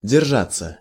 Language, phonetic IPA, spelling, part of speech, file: Russian, [dʲɪrˈʐat͡sːə], держаться, verb, Ru-держаться.ogg
- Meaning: 1. to hold on 2. to hold (by, to), to stick (to) 3. to bear/conduct/comport oneself, to behave 4. to keep, to stick (to) 5. to hold out, to stand firm; to hold one's ground